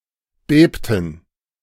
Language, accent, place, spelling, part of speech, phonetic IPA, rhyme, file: German, Germany, Berlin, bebten, verb, [ˈbeːptn̩], -eːptn̩, De-bebten.ogg
- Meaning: inflection of beben: 1. first/third-person plural preterite 2. first/third-person plural subjunctive II